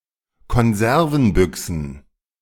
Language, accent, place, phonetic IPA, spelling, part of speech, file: German, Germany, Berlin, [kɔnˈzɛʁvn̩ˌbʏksn̩], Konservenbüchsen, noun, De-Konservenbüchsen.ogg
- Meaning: plural of Konservenbüchse